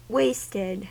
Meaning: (adjective) 1. Not profitably used 2. Ravaged or deteriorated 3. Emaciated and haggard 4. Exhausted 5. Very drunk or stoned 6. Low weight-for-height (for a person)
- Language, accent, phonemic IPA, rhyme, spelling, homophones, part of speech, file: English, US, /ˈweɪstɪd/, -eɪstɪd, wasted, waisted, adjective / verb, En-us-wasted.ogg